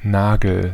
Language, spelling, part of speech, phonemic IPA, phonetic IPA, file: German, Nagel, noun, /ˈnaːɡəl/, [ˈnäː.ɡl̩], De-Nagel.ogg
- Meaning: A nail, the horny plate on fingers and toes of humans and certain animals which mostly consists of keratin